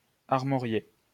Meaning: to emblazon (with arms)
- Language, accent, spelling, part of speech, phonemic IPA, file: French, France, armorier, verb, /aʁ.mɔ.ʁje/, LL-Q150 (fra)-armorier.wav